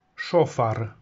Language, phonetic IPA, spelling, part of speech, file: Polish, [ˈʃɔfar], szofar, noun, Pl-szofar.ogg